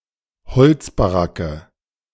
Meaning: present participle of beziehen
- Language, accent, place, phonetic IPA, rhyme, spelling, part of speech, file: German, Germany, Berlin, [bəˈt͡siːənt], -iːənt, beziehend, verb, De-beziehend.ogg